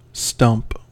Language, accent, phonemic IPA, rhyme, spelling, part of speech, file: English, US, /stʌmp/, -ʌmp, stump, noun / verb, En-us-stump.ogg
- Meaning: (noun) 1. The remains of something that has been cut off; especially the remains of a tree, the remains of a limb 2. The place or occasion at which a campaign takes place; the husting